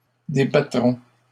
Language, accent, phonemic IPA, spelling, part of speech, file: French, Canada, /de.ba.tʁɔ̃/, débattront, verb, LL-Q150 (fra)-débattront.wav
- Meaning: third-person plural future of débattre